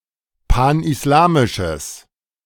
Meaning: strong/mixed nominative/accusative neuter singular of panislamisch
- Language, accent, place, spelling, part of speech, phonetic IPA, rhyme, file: German, Germany, Berlin, panislamisches, adjective, [ˌpanʔɪsˈlaːmɪʃəs], -aːmɪʃəs, De-panislamisches.ogg